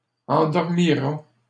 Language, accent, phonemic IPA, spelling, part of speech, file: French, Canada, /ɑ̃.dɔʁ.mi.ʁa/, endormira, verb, LL-Q150 (fra)-endormira.wav
- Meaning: third-person singular future of endormir